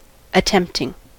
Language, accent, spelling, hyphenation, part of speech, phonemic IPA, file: English, US, attempting, at‧tempt‧ing, verb, /əˈtɛmp.tɪŋ/, En-us-attempting.ogg
- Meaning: present participle and gerund of attempt